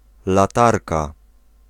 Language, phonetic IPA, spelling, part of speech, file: Polish, [laˈtarka], latarka, noun, Pl-latarka.ogg